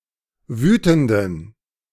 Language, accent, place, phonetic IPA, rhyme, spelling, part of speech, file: German, Germany, Berlin, [ˈvyːtn̩dən], -yːtn̩dən, wütenden, adjective, De-wütenden.ogg
- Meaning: inflection of wütend: 1. strong genitive masculine/neuter singular 2. weak/mixed genitive/dative all-gender singular 3. strong/weak/mixed accusative masculine singular 4. strong dative plural